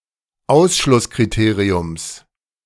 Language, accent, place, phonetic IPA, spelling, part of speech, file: German, Germany, Berlin, [ˈaʊ̯sʃlʊskʁiˌteːʁiʊms], Ausschlusskriteriums, noun, De-Ausschlusskriteriums.ogg
- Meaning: genitive singular of Ausschlusskriterium